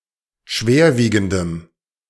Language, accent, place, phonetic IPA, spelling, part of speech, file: German, Germany, Berlin, [ˈʃveːɐ̯ˌviːɡn̩dəm], schwerwiegendem, adjective, De-schwerwiegendem.ogg
- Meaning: strong dative masculine/neuter singular of schwerwiegend